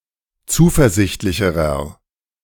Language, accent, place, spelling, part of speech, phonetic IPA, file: German, Germany, Berlin, zuversichtlicherer, adjective, [ˈt͡suːfɛɐ̯ˌzɪçtlɪçəʁɐ], De-zuversichtlicherer.ogg
- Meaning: inflection of zuversichtlich: 1. strong/mixed nominative masculine singular comparative degree 2. strong genitive/dative feminine singular comparative degree